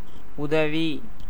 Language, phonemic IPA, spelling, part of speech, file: Tamil, /ʊd̪ɐʋiː/, உதவி, noun / adjective / verb, Ta-உதவி.ogg
- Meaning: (noun) 1. help, aid, assistance 2. gift, donation, contribution; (adjective) sub-, deputy, assistant (in ranks); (verb) adverbial participle of உதவு (utavu)